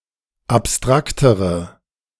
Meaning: inflection of abstrakt: 1. strong/mixed nominative/accusative feminine singular comparative degree 2. strong nominative/accusative plural comparative degree
- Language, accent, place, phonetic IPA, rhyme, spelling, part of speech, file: German, Germany, Berlin, [apˈstʁaktəʁə], -aktəʁə, abstraktere, adjective, De-abstraktere.ogg